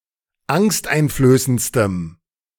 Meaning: strong dative masculine/neuter singular superlative degree of angsteinflößend
- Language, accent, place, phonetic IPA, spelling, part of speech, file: German, Germany, Berlin, [ˈaŋstʔaɪ̯nfløːsənt͡stəm], angsteinflößendstem, adjective, De-angsteinflößendstem.ogg